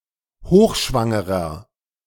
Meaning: inflection of hochschwanger: 1. strong/mixed nominative masculine singular 2. strong genitive/dative feminine singular 3. strong genitive plural
- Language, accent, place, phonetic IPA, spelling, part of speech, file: German, Germany, Berlin, [ˈhoːxˌʃvaŋəʁɐ], hochschwangerer, adjective, De-hochschwangerer.ogg